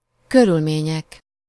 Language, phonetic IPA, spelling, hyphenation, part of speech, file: Hungarian, [ˈkørylmeːɲɛk], körülmények, kö‧rül‧mé‧nyek, noun, Hu-körülmények.ogg
- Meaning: nominative plural of körülmény